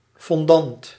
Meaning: 1. fondant (sugary substance) 2. dark chocolate
- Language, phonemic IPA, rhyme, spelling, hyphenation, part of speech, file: Dutch, /fɔnˈdɑnt/, -ɑnt, fondant, fon‧dant, noun, Nl-fondant.ogg